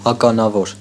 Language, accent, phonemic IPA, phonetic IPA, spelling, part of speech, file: Armenian, Eastern Armenian, /ɑkɑnɑˈvoɾ/, [ɑkɑnɑvóɾ], ականավոր, adjective, Hy-ականավոր.ogg
- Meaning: notable, remarkable, famous, known